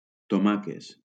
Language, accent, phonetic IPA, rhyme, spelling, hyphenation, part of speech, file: Catalan, Valencia, [toˈma.kes], -akes, tomaques, to‧ma‧ques, noun, LL-Q7026 (cat)-tomaques.wav
- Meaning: plural of tomaca